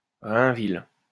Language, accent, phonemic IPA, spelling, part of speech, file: French, France, /ʁɛ̃.vil/, Rainville, proper noun, LL-Q150 (fra)-Rainville.wav
- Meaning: a surname